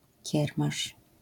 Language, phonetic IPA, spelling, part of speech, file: Polish, [ˈcɛrmaʃ], kiermasz, noun, LL-Q809 (pol)-kiermasz.wav